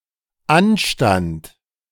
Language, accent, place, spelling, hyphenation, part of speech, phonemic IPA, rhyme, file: German, Germany, Berlin, Anstand, An‧stand, noun, /ˈan.ʃtant/, -ant, De-Anstand.ogg
- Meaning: 1. decency, manners 2. offense, objection 3. the lurk of a hunter